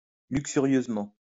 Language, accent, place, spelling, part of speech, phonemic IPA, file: French, France, Lyon, luxurieusement, adverb, /lyk.sy.ʁjøz.mɑ̃/, LL-Q150 (fra)-luxurieusement.wav
- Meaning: lustfully